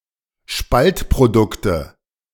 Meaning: nominative/accusative/genitive plural of Spaltprodukt
- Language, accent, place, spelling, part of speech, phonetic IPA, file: German, Germany, Berlin, Spaltprodukte, noun, [ˈʃpaltpʁoˌdʊktə], De-Spaltprodukte.ogg